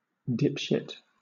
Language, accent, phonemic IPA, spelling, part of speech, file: English, Southern England, /ˈdɪpʃɪt/, dipshit, noun, LL-Q1860 (eng)-dipshit.wav
- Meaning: A stupid, obnoxious, or undesirable person